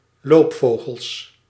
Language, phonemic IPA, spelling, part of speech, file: Dutch, /ˈlopfoɣəls/, loopvogels, noun, Nl-loopvogels.ogg
- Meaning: plural of loopvogel